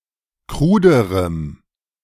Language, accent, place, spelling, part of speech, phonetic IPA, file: German, Germany, Berlin, kruderem, adjective, [ˈkʁuːdəʁəm], De-kruderem.ogg
- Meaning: strong dative masculine/neuter singular comparative degree of krud